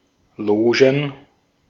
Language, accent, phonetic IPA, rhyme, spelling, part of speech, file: German, Austria, [ˈloːʒn̩], -oːʒn̩, Logen, noun, De-at-Logen.ogg
- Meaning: plural of Loge